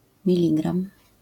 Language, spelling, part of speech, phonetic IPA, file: Polish, miligram, noun, [mʲiˈlʲiɡrãm], LL-Q809 (pol)-miligram.wav